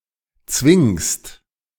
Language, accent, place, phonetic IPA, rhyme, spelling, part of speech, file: German, Germany, Berlin, [t͡svɪŋst], -ɪŋst, zwingst, verb, De-zwingst.ogg
- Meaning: second-person singular present of zwingen